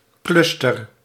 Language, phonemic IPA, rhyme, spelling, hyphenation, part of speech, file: Dutch, /ˈklʏs.tər/, -ʏstər, cluster, clus‧ter, noun, Nl-cluster.ogg
- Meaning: 1. cluster 2. star cluster